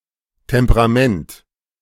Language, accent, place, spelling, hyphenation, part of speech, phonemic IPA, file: German, Germany, Berlin, Temperament, Tem‧pe‧ra‧ment, noun, /tɛmpəʁaˈmɛnt/, De-Temperament.ogg
- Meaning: temperament